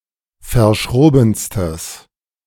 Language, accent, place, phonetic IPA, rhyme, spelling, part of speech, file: German, Germany, Berlin, [fɐˈʃʁoːbn̩stəs], -oːbn̩stəs, verschrobenstes, adjective, De-verschrobenstes.ogg
- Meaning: strong/mixed nominative/accusative neuter singular superlative degree of verschroben